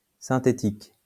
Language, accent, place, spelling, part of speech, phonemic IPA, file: French, France, Lyon, synthétique, adjective, /sɛ̃.te.tik/, LL-Q150 (fra)-synthétique.wav
- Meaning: synthetic